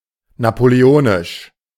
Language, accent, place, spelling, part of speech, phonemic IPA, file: German, Germany, Berlin, napoleonisch, adjective, /napoleˈoːnɪʃ/, De-napoleonisch.ogg
- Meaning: Napoleonic